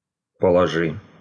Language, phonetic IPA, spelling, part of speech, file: Russian, [pəɫɐˈʐɨ], положи, verb, Ru-положи.ogg
- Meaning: second-person singular imperative perfective of положи́ть (položítʹ)